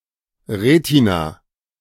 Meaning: retina
- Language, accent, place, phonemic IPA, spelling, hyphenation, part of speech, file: German, Germany, Berlin, /ˈʁeːtina/, Retina, Re‧ti‧na, noun, De-Retina.ogg